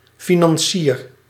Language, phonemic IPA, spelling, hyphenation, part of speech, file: Dutch, /ˌfinɑnˈsir/, financier, fi‧nan‧cier, noun / verb, Nl-financier.ogg
- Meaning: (noun) financier, sponsor; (verb) inflection of financieren: 1. first-person singular present indicative 2. second-person singular present indicative 3. imperative